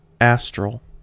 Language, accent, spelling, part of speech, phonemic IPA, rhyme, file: English, US, astral, adjective / noun, /ˈæstɹəl/, -æstɹəl, En-us-astral.ogg
- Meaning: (adjective) 1. Relating to or resembling the stars; starry 2. Relating to an aster